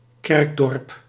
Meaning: a village that has a church (as opposed to having no church or merely a chapel)
- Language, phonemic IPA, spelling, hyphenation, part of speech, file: Dutch, /ˈkɛrk.dɔrp/, kerkdorp, kerk‧dorp, noun, Nl-kerkdorp.ogg